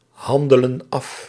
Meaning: inflection of afhandelen: 1. plural present indicative 2. plural present subjunctive
- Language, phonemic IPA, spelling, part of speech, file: Dutch, /ˈhɑndələ(n) ˈɑf/, handelen af, verb, Nl-handelen af.ogg